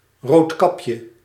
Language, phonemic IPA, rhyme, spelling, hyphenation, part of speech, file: Dutch, /ˌroːtˈkɑp.jə/, -ɑpjə, Roodkapje, Rood‧kap‧je, proper noun, Nl-Roodkapje.ogg
- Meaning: Little Red Riding Hood